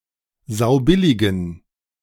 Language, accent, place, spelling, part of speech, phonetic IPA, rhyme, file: German, Germany, Berlin, saubilligen, adjective, [ˈzaʊ̯ˈbɪlɪɡn̩], -ɪlɪɡn̩, De-saubilligen.ogg
- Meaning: inflection of saubillig: 1. strong genitive masculine/neuter singular 2. weak/mixed genitive/dative all-gender singular 3. strong/weak/mixed accusative masculine singular 4. strong dative plural